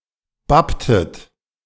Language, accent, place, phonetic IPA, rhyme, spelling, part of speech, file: German, Germany, Berlin, [ˈbaptət], -aptət, bapptet, verb, De-bapptet.ogg
- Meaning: inflection of bappen: 1. second-person plural preterite 2. second-person plural subjunctive II